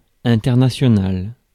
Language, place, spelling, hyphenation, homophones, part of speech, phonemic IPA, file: French, Paris, international, in‧ter‧na‧tio‧nal, internationale / internationales, adjective, /ɛ̃.tɛʁ.na.sjɔ.nal/, Fr-international.ogg
- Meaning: international